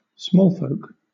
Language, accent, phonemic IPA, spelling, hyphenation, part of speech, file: English, Southern England, /ˈsmɔːlfəʊk/, smallfolk, small‧folk, noun, LL-Q1860 (eng)-smallfolk.wav
- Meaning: Small humanoid creatures, such as gnomes and halflings